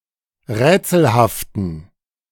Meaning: inflection of rätselhaft: 1. strong genitive masculine/neuter singular 2. weak/mixed genitive/dative all-gender singular 3. strong/weak/mixed accusative masculine singular 4. strong dative plural
- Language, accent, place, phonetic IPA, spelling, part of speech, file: German, Germany, Berlin, [ˈʁɛːt͡sl̩haftn̩], rätselhaften, adjective, De-rätselhaften.ogg